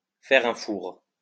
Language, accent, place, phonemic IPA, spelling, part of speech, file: French, France, Lyon, /fɛʁ œ̃ fuʁ/, faire un four, verb, LL-Q150 (fra)-faire un four.wav
- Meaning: to flop, to bomb, to tank